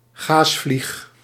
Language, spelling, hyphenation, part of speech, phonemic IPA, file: Dutch, gaasvlieg, gaas‧vlieg, noun, /ˈɣaːs.flix/, Nl-gaasvlieg.ogg
- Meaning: a common lacewing, fly of the family Chrysopidae